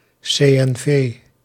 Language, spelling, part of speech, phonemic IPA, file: Dutch, CNV, proper noun, /seː.ɛnˈveː/, Nl-CNV.ogg
- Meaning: initialism of Christelijk Nationaal Vakverbond, The National Federation of Christian Trade Unions in the Netherlands